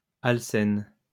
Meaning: alkene
- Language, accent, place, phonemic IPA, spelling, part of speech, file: French, France, Lyon, /al.sɛn/, alcène, noun, LL-Q150 (fra)-alcène.wav